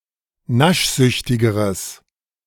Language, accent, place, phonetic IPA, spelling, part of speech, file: German, Germany, Berlin, [ˈnaʃˌzʏçtɪɡəʁəs], naschsüchtigeres, adjective, De-naschsüchtigeres.ogg
- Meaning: strong/mixed nominative/accusative neuter singular comparative degree of naschsüchtig